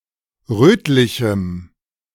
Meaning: strong dative masculine/neuter singular of rötlich
- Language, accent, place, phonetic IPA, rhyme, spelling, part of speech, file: German, Germany, Berlin, [ˈʁøːtlɪçm̩], -øːtlɪçm̩, rötlichem, adjective, De-rötlichem.ogg